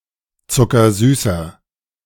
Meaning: inflection of zuckersüß: 1. strong/mixed nominative masculine singular 2. strong genitive/dative feminine singular 3. strong genitive plural
- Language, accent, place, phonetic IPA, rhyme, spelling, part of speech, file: German, Germany, Berlin, [t͡sʊkɐˈzyːsɐ], -yːsɐ, zuckersüßer, adjective, De-zuckersüßer.ogg